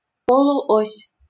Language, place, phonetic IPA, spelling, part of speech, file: Russian, Saint Petersburg, [ˌpoɫʊˈosʲ], полуось, noun, LL-Q7737 (rus)-полуось.wav
- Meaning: 1. semiaxis 2. OS/2